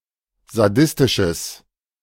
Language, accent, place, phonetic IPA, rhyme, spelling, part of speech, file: German, Germany, Berlin, [zaˈdɪstɪʃəs], -ɪstɪʃəs, sadistisches, adjective, De-sadistisches.ogg
- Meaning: strong/mixed nominative/accusative neuter singular of sadistisch